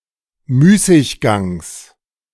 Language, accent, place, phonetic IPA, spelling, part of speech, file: German, Germany, Berlin, [ˈmyːsɪçˌɡaŋs], Müßiggangs, noun, De-Müßiggangs.ogg
- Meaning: genitive singular of Müßiggang